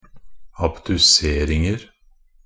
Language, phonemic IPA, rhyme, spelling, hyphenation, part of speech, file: Norwegian Bokmål, /abdʉˈseːrɪŋər/, -ər, abduseringer, ab‧du‧ser‧ing‧er, noun, Nb-abduseringer.ogg
- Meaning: indefinite plural of abdusering